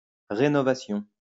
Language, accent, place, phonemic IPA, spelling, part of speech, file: French, France, Lyon, /ʁe.nɔ.va.sjɔ̃/, rénovation, noun, LL-Q150 (fra)-rénovation.wav
- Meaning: 1. renovation 2. renewal, act of renewing